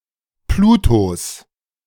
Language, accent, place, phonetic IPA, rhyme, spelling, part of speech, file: German, Germany, Berlin, [ˈpluːtos], -uːtos, Plutos, noun, De-Plutos.ogg
- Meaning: genitive singular of Pluto